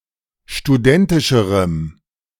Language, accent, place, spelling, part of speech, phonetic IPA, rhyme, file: German, Germany, Berlin, studentischerem, adjective, [ʃtuˈdɛntɪʃəʁəm], -ɛntɪʃəʁəm, De-studentischerem.ogg
- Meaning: strong dative masculine/neuter singular comparative degree of studentisch